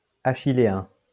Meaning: Achillean
- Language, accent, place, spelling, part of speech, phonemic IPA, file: French, France, Lyon, achiléen, adjective, /a.ʃi.le.ɛ̃/, LL-Q150 (fra)-achiléen.wav